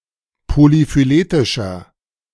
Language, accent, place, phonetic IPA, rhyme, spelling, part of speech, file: German, Germany, Berlin, [polifyˈleːtɪʃɐ], -eːtɪʃɐ, polyphyletischer, adjective, De-polyphyletischer.ogg
- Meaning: inflection of polyphyletisch: 1. strong/mixed nominative masculine singular 2. strong genitive/dative feminine singular 3. strong genitive plural